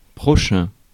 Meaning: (adjective) 1. upcoming 2. nearby 3. next; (noun) fellow man, fellow human being, neighbour
- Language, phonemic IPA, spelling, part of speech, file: French, /pʁɔ.ʃɛ̃/, prochain, adjective / noun, Fr-prochain.ogg